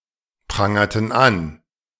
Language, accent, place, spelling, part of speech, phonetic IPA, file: German, Germany, Berlin, prangerten an, verb, [ˌpʁaŋɐtn̩ ˈan], De-prangerten an.ogg
- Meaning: inflection of anprangern: 1. first/third-person plural preterite 2. first/third-person plural subjunctive II